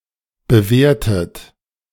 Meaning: inflection of bewehren: 1. second-person plural preterite 2. second-person plural subjunctive II
- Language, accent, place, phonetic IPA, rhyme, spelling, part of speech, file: German, Germany, Berlin, [bəˈveːɐ̯tət], -eːɐ̯tət, bewehrtet, verb, De-bewehrtet.ogg